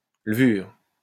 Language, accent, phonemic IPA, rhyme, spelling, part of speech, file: French, France, /lə.vyʁ/, -yʁ, levure, noun, LL-Q150 (fra)-levure.wav
- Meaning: 1. yeast 2. leavening (agent)